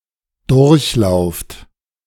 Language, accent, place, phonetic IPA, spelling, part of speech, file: German, Germany, Berlin, [ˈdʊʁçˌlaʊ̯ft], durchlauft, verb, De-durchlauft.ogg
- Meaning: inflection of durchlaufen: 1. second-person plural present 2. plural imperative